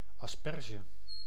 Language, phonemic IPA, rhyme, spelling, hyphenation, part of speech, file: Dutch, /ɑsˈpɛr.ʒə/, -ɛrʒə, asperge, as‧per‧ge, noun, Nl-asperge.ogg
- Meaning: asparagus, Asparagus officinalis (plant, vegetable)